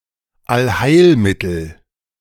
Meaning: panacea, cure-all
- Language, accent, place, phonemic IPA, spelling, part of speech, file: German, Germany, Berlin, /alˈhaɪ̯lˌmɪtəl/, Allheilmittel, noun, De-Allheilmittel.ogg